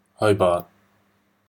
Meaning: 1. The capital city of Tasmania, Australia, named for a Lord Hobart 2. A patronymic English surname transferred from the given name derived from a variant of Hubert
- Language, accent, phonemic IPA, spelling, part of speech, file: English, Australia, /ˈhəʊbɑːt/, Hobart, proper noun, En-au-Hobart.oga